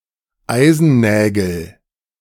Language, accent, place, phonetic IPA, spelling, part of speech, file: German, Germany, Berlin, [ˈaɪ̯zn̩ˌnɛːɡl̩], Eisennägel, noun, De-Eisennägel.ogg
- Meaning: nominative/accusative/genitive plural of Eisennagel